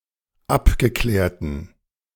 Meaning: inflection of abgeklärt: 1. strong genitive masculine/neuter singular 2. weak/mixed genitive/dative all-gender singular 3. strong/weak/mixed accusative masculine singular 4. strong dative plural
- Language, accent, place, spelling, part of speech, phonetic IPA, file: German, Germany, Berlin, abgeklärten, adjective, [ˈapɡəˌklɛːɐ̯tn̩], De-abgeklärten.ogg